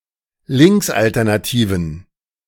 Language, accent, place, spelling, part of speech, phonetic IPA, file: German, Germany, Berlin, linksalternativen, adjective, [ˈlɪŋksʔaltɛʁnaˌtiːvn̩], De-linksalternativen.ogg
- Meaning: inflection of linksalternativ: 1. strong genitive masculine/neuter singular 2. weak/mixed genitive/dative all-gender singular 3. strong/weak/mixed accusative masculine singular 4. strong dative plural